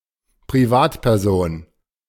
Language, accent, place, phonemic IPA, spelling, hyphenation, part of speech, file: German, Germany, Berlin, /pʁiˈvaːtpɛʁˌzoːn/, Privatperson, Pri‧vat‧per‧son, noun, De-Privatperson.ogg
- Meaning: private individual